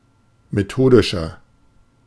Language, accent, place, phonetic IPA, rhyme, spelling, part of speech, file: German, Germany, Berlin, [meˈtoːdɪʃɐ], -oːdɪʃɐ, methodischer, adjective, De-methodischer.ogg
- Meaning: inflection of methodisch: 1. strong/mixed nominative masculine singular 2. strong genitive/dative feminine singular 3. strong genitive plural